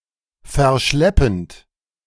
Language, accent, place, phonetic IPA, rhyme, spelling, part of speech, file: German, Germany, Berlin, [fɛɐ̯ˈʃlɛpn̩t], -ɛpn̩t, verschleppend, verb, De-verschleppend.ogg
- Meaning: present participle of verschleppen